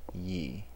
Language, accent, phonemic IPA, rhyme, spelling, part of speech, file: English, US, /jiː/, -iː, ye, pronoun, En-us-ye.ogg
- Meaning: 1. You (the people being addressed) 2. You (the singular person being addressed)